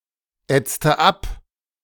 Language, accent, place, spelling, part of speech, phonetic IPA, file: German, Germany, Berlin, ätzte ab, verb, [ˌɛt͡stə ˈap], De-ätzte ab.ogg
- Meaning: inflection of abätzen: 1. first/third-person singular preterite 2. first/third-person singular subjunctive II